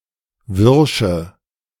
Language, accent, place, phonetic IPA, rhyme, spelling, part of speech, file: German, Germany, Berlin, [ˈvɪʁʃə], -ɪʁʃə, wirsche, adjective, De-wirsche.ogg
- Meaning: inflection of wirsch: 1. strong/mixed nominative/accusative feminine singular 2. strong nominative/accusative plural 3. weak nominative all-gender singular 4. weak accusative feminine/neuter singular